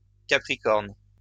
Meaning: longhorn beetle (of the family Cerambycidae)
- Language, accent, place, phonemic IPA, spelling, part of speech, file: French, France, Lyon, /ka.pʁi.kɔʁn/, capricorne, noun, LL-Q150 (fra)-capricorne.wav